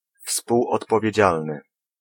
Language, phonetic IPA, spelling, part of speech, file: Polish, [ˌfspuwɔtpɔvʲjɛ̇ˈd͡ʑalnɨ], współodpowiedzialny, adjective, Pl-współodpowiedzialny.ogg